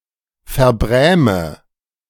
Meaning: inflection of verbrämen: 1. first-person singular present 2. first/third-person singular subjunctive I 3. singular imperative
- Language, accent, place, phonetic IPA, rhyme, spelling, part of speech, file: German, Germany, Berlin, [fɛɐ̯ˈbʁɛːmə], -ɛːmə, verbräme, verb, De-verbräme.ogg